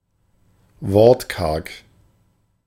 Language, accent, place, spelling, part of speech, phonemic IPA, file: German, Germany, Berlin, wortkarg, adjective, /ˈvɔʁtˌkaʁk/, De-wortkarg.ogg
- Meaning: taciturn, laconic (disinclined to speak)